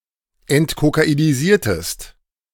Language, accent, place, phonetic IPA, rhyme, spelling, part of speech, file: German, Germany, Berlin, [ɛntkokainiˈziːɐ̯təst], -iːɐ̯təst, entkokainisiertest, verb, De-entkokainisiertest.ogg
- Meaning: inflection of entkokainisieren: 1. second-person singular preterite 2. second-person singular subjunctive II